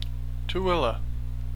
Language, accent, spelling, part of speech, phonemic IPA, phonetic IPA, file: English, US, Tooele, proper noun, /tuːˈɛlə/, [tʰʊˈwɪ.ɫə], En-us-Tooele.ogg
- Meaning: A city, the county seat of Tooele County, Utah, United States